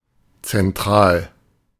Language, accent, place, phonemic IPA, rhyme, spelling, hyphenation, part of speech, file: German, Germany, Berlin, /t͡sɛnˈtʁaːl/, -aːl, zentral, zen‧tral, adjective / adverb, De-zentral.ogg
- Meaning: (adjective) central; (adverb) centrally